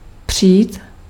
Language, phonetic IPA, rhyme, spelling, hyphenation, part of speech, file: Czech, [ˈpr̝̊iːt], -iːt, přít, přít, verb, Cs-přít.ogg
- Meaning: to dispute